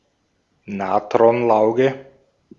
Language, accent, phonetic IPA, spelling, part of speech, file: German, Austria, [ˈnaːtʁɔnˌlaʊ̯ɡə], Natronlauge, noun, De-at-Natronlauge.ogg
- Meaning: caustic soda, soda lye